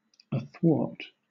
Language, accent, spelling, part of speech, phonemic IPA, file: English, Southern England, athwart, adverb / preposition, /əˈθwɔːt/, LL-Q1860 (eng)-athwart.wav
- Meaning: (adverb) 1. From side to side, often in an oblique manner; across or over 2. Across the path of something, so as to impede progress